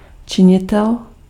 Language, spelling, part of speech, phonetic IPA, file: Czech, činitel, noun, [ˈt͡ʃɪɲɪtɛl], Cs-činitel.ogg
- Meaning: 1. agent (one who acts for, or in the place of, another (the principal), by authority from him) 2. factor